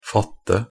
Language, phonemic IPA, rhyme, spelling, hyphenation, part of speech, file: Norwegian Bokmål, /ˈfɑtːə/, -ɑtːə, fatte, fat‧te, verb, Nb-fatte.ogg
- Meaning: 1. to grip or grasp (to take hold of; particularly with the hand) 2. to catch fire (to become engulfed in flames) 3. to catch fire (to become engulfed in flames): to spread, burn